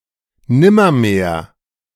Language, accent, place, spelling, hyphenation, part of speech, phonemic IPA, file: German, Germany, Berlin, nimmermehr, nim‧mer‧mehr, adverb, /ˈnɪmɐmeːɐ̯/, De-nimmermehr.ogg
- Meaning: nevermore, never again